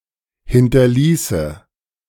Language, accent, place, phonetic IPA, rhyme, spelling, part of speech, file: German, Germany, Berlin, [ˌhɪntɐˈliːsə], -iːsə, hinterließe, verb, De-hinterließe.ogg
- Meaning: first/third-person singular subjunctive II of hinterlassen